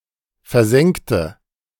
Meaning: inflection of versenken: 1. first/third-person singular preterite 2. first/third-person singular subjunctive II
- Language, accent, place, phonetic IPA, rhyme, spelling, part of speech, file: German, Germany, Berlin, [fɛɐ̯ˈzɛŋktə], -ɛŋktə, versenkte, adjective / verb, De-versenkte.ogg